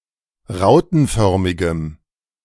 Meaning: strong dative masculine/neuter singular of rautenförmig
- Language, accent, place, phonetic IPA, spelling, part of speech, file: German, Germany, Berlin, [ˈʁaʊ̯tn̩ˌfœʁmɪɡəm], rautenförmigem, adjective, De-rautenförmigem.ogg